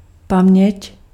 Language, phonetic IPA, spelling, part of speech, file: Czech, [ˈpamɲɛc], paměť, noun, Cs-paměť.ogg
- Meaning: memory